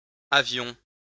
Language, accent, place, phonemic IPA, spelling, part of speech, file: French, France, Lyon, /a.vjɔ̃/, avions, noun / verb, LL-Q150 (fra)-avions.wav
- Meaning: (noun) plural of avion; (verb) first-person plural imperfect indicative of avoir